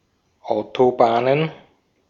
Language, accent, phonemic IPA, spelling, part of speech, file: German, Austria, /ˈʔaʊ̯toˌbaːnən/, Autobahnen, noun, De-at-Autobahnen.ogg
- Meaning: plural of Autobahn